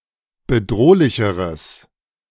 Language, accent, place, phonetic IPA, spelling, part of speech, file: German, Germany, Berlin, [bəˈdʁoːlɪçəʁəs], bedrohlicheres, adjective, De-bedrohlicheres.ogg
- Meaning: strong/mixed nominative/accusative neuter singular comparative degree of bedrohlich